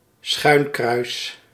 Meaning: a Saint Andrew's cross (diagonal cross)
- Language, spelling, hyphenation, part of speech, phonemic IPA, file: Dutch, schuinkruis, schuin‧kruis, noun, /ˈsxœy̯n.krœy̯s/, Nl-schuinkruis.ogg